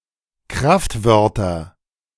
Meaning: nominative/accusative/genitive plural of Kraftwort
- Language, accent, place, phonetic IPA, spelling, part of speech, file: German, Germany, Berlin, [ˈkʁaftˌvœʁtɐ], Kraftwörter, noun, De-Kraftwörter.ogg